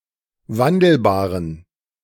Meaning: inflection of wandelbar: 1. strong genitive masculine/neuter singular 2. weak/mixed genitive/dative all-gender singular 3. strong/weak/mixed accusative masculine singular 4. strong dative plural
- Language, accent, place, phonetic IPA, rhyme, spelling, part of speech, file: German, Germany, Berlin, [ˈvandl̩baːʁən], -andl̩baːʁən, wandelbaren, adjective, De-wandelbaren.ogg